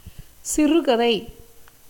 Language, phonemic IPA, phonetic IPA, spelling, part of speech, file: Tamil, /tʃɪrʊɡɐd̪ɐɪ̯/, [sɪrʊɡɐd̪ɐɪ̯], சிறுகதை, noun, Ta-சிறுகதை.ogg
- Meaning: short story